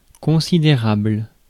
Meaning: considerable
- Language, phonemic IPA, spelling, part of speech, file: French, /kɔ̃.si.de.ʁabl/, considérable, adjective, Fr-considérable.ogg